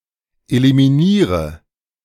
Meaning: inflection of eliminieren: 1. first-person singular present 2. first/third-person singular subjunctive I 3. singular imperative
- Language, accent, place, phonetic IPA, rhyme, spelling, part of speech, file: German, Germany, Berlin, [elimiˈniːʁə], -iːʁə, eliminiere, verb, De-eliminiere.ogg